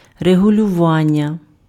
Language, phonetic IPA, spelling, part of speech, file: Ukrainian, [reɦʊlʲʊˈʋanʲːɐ], регулювання, noun, Uk-регулювання.ogg
- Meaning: verbal noun of регулюва́ти (rehuljuváty): regulation, control, adjustment